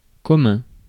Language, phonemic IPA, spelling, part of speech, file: French, /kɔ.mœ̃/, commun, adjective, Fr-commun.ogg
- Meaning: 1. common (shared) 2. common (widespread) 3. common (popular) 4. common (of low class) 5. communal